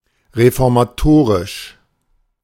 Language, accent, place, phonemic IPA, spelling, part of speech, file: German, Germany, Berlin, /ʁefɔʁmaˈtoːʁɪʃ/, reformatorisch, adjective, De-reformatorisch.ogg
- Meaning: reformatory, reformative